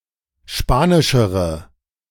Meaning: inflection of spanisch: 1. strong/mixed nominative/accusative feminine singular comparative degree 2. strong nominative/accusative plural comparative degree
- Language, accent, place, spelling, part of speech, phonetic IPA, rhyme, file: German, Germany, Berlin, spanischere, adjective, [ˈʃpaːnɪʃəʁə], -aːnɪʃəʁə, De-spanischere.ogg